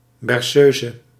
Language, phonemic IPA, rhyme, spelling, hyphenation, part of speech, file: Dutch, /ˌbɛrˈsøː.zə/, -øːzə, berceuse, ber‧ceu‧se, noun, Nl-berceuse.ogg
- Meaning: 1. a lullaby, especially one composed by a composer 2. rocking chair